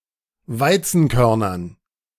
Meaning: dative plural of Weizenkorn
- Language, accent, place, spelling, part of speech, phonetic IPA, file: German, Germany, Berlin, Weizenkörnern, noun, [ˈvaɪ̯t͡sn̩ˌkœʁnɐn], De-Weizenkörnern.ogg